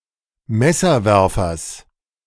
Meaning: genitive singular of Messerwerfer
- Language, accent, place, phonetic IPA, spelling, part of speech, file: German, Germany, Berlin, [ˈmɛsɐˌvɛʁfɐs], Messerwerfers, noun, De-Messerwerfers.ogg